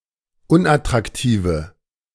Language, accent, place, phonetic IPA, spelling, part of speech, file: German, Germany, Berlin, [ˈʊnʔatʁakˌtiːvə], unattraktive, adjective, De-unattraktive.ogg
- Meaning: inflection of unattraktiv: 1. strong/mixed nominative/accusative feminine singular 2. strong nominative/accusative plural 3. weak nominative all-gender singular